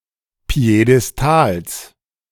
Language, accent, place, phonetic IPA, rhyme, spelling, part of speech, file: German, Germany, Berlin, [pi̯edɛsˈtaːls], -aːls, Piedestals, noun, De-Piedestals.ogg
- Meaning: genitive singular of Piedestal